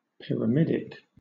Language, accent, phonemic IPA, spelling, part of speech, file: English, Southern England, /pɪ.ɹəˈmɪd.ɪk/, pyramidic, adjective, LL-Q1860 (eng)-pyramidic.wav
- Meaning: Of or pertaining to a pyramid; having the form or imposing presence of a pyramid; pyramidal